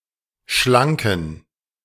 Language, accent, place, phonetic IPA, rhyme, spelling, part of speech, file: German, Germany, Berlin, [ˈʃlaŋkn̩], -aŋkn̩, schlanken, adjective, De-schlanken.ogg
- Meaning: inflection of schlank: 1. strong genitive masculine/neuter singular 2. weak/mixed genitive/dative all-gender singular 3. strong/weak/mixed accusative masculine singular 4. strong dative plural